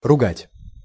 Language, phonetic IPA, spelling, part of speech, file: Russian, [rʊˈɡatʲ], ругать, verb, Ru-ругать.ogg
- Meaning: 1. to reprimand, to abuse, to scold, to rail, to curse out, to swear 2. to criticize severely, to tear to pieces, to lash